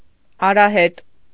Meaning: path; track; trail
- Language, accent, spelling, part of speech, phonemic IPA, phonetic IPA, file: Armenian, Eastern Armenian, արահետ, noun, /ɑɾɑˈhet/, [ɑɾɑhét], Hy-արահետ.ogg